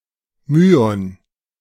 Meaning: muon
- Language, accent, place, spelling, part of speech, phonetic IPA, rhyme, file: German, Germany, Berlin, Myon, noun, [ˈmyːɔn], -yːɔn, De-Myon.ogg